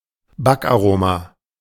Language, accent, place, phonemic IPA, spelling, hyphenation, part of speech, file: German, Germany, Berlin, /ˈbak.ʔaˌʁoː.ma/, Backaroma, Back‧aro‧ma, noun, De-Backaroma.ogg
- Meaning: extract (e.g. of lemon) used in baking